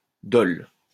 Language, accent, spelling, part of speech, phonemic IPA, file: French, France, dol, noun, /dɔl/, LL-Q150 (fra)-dol.wav
- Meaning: a fraud (the act), cheating